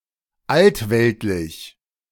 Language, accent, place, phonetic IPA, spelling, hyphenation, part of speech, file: German, Germany, Berlin, [ˈaltˌvɛltlɪç], altweltlich, alt‧welt‧lich, adjective, De-altweltlich.ogg
- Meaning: old-world, Old World